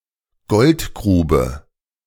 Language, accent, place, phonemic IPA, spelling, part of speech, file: German, Germany, Berlin, /ˈɡɔltˌɡʁuːbə/, Goldgrube, noun, De-Goldgrube.ogg
- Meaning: 1. goldmine, gold mine 2. gold mine, bonanza, money-spinner (very profitable economic venture)